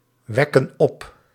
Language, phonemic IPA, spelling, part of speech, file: Dutch, /ˈwɛkə(n) ˈɔp/, wekken op, verb, Nl-wekken op.ogg
- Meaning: inflection of opwekken: 1. plural present indicative 2. plural present subjunctive